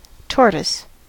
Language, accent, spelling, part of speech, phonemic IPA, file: English, US, tortoise, noun, /ˈtɔɹ.təs/, En-us-tortoise.ogg